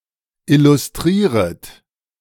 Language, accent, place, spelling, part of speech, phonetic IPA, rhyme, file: German, Germany, Berlin, illustrieret, verb, [ˌɪlʊsˈtʁiːʁət], -iːʁət, De-illustrieret.ogg
- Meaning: second-person plural subjunctive I of illustrieren